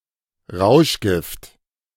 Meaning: drug, narcotic, junk (psychoactive substance, especially one which is illegal)
- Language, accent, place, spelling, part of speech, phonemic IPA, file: German, Germany, Berlin, Rauschgift, noun, /ˈʁaʊ̯ʃˌɡɪft/, De-Rauschgift.ogg